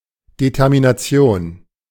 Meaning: determination
- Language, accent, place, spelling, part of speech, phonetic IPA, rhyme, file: German, Germany, Berlin, Determination, noun, [detɛʁminaˈt͡si̯oːn], -oːn, De-Determination.ogg